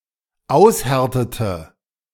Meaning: inflection of aushärten: 1. first/third-person singular dependent preterite 2. first/third-person singular dependent subjunctive II
- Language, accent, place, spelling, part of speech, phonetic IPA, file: German, Germany, Berlin, aushärtete, verb, [ˈaʊ̯sˌhɛʁtətə], De-aushärtete.ogg